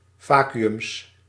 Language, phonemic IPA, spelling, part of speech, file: Dutch, /ˈvaː.ky.ʏms/, vacuüms, noun, Nl-vacuüms.ogg
- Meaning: plural of vacuüm